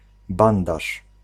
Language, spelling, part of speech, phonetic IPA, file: Polish, bandaż, noun, [ˈbãndaʃ], Pl-bandaż.ogg